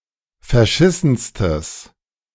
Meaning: strong/mixed nominative/accusative neuter singular superlative degree of verschissen
- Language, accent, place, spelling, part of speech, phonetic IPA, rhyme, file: German, Germany, Berlin, verschissenstes, adjective, [fɛɐ̯ˈʃɪsn̩stəs], -ɪsn̩stəs, De-verschissenstes.ogg